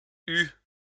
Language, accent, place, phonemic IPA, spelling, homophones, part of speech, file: French, France, Lyon, /y/, eue, eu / eus / eues / eut / eût, verb, LL-Q150 (fra)-eue.wav
- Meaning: feminine singular of eu